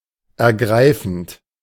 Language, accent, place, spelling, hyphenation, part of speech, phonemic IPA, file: German, Germany, Berlin, ergreifend, er‧grei‧fend, verb / adjective, /ɛʁˈɡʁaɪfənt/, De-ergreifend.ogg
- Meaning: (verb) present participle of ergreifen; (adjective) moving, stirring, gripping, poignant